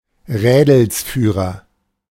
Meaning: ringleader (person who starts and leads a disturbance, a conspiracy, or a criminal gang)
- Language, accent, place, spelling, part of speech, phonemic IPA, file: German, Germany, Berlin, Rädelsführer, noun, /ˈʁɛːdl̩sˌfyːʁɐ/, De-Rädelsführer.ogg